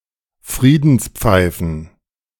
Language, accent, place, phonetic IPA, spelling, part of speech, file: German, Germany, Berlin, [ˈfʁiːdn̩sˌp͡faɪ̯fn̩], Friedenspfeifen, noun, De-Friedenspfeifen.ogg
- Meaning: plural of Friedenspfeife